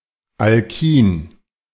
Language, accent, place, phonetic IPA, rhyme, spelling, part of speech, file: German, Germany, Berlin, [alˈkiːn], -iːn, Alkin, noun, De-Alkin.ogg
- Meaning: alkyne